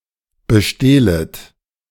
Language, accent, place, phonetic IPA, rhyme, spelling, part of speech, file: German, Germany, Berlin, [bəˈʃteːlət], -eːlət, bestehlet, verb, De-bestehlet.ogg
- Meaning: second-person plural subjunctive I of bestehlen